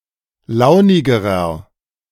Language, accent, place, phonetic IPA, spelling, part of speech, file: German, Germany, Berlin, [ˈlaʊ̯nɪɡəʁɐ], launigerer, adjective, De-launigerer.ogg
- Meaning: inflection of launig: 1. strong/mixed nominative masculine singular comparative degree 2. strong genitive/dative feminine singular comparative degree 3. strong genitive plural comparative degree